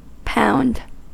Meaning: 1. Abbreviation of pound (“unit of weight”) 2. leg bye
- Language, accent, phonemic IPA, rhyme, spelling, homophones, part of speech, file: English, US, /paʊnd/, -aʊnd, lb, pound, noun, En-us-lb.ogg